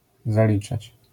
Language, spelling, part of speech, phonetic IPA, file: Polish, zaliczać, verb, [zaˈlʲit͡ʃat͡ɕ], LL-Q809 (pol)-zaliczać.wav